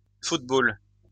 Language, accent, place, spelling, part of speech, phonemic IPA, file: French, France, Lyon, footballs, noun, /fut.bɔl/, LL-Q150 (fra)-footballs.wav
- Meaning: plural of football